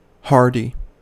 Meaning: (adjective) 1. Having rugged physical strength; inured to fatigue or hardships 2. Able to survive adverse growing conditions, especially frost 3. Brave and resolute 4. Impudent
- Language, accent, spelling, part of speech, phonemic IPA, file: English, US, hardy, adjective / noun, /ˈhɑɹdi/, En-us-hardy.ogg